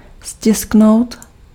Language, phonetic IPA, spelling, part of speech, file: Czech, [ˈscɪsknou̯t], stisknout, verb, Cs-stisknout.ogg
- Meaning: to press (to apply pressure to an item)